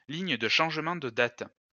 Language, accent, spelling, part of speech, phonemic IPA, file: French, France, ligne de changement de date, noun, /liɲ də ʃɑ̃ʒ.mɑ̃ də dat/, LL-Q150 (fra)-ligne de changement de date.wav
- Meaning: International Date Line